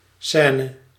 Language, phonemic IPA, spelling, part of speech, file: Dutch, /ˈsɛːnə/, scène, noun, Nl-scène.ogg
- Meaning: 1. scene, stage 2. fuss, scene (exhibition of passionate or strong feeling before others, creating embarrassment or disruption)